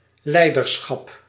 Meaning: leadership
- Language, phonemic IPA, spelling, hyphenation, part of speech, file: Dutch, /ˈlɛi̯dərˌsxɑp/, leiderschap, lei‧der‧schap, noun, Nl-leiderschap.ogg